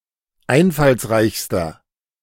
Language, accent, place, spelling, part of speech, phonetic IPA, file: German, Germany, Berlin, einfallsreichster, adjective, [ˈaɪ̯nfalsˌʁaɪ̯çstɐ], De-einfallsreichster.ogg
- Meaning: inflection of einfallsreich: 1. strong/mixed nominative masculine singular superlative degree 2. strong genitive/dative feminine singular superlative degree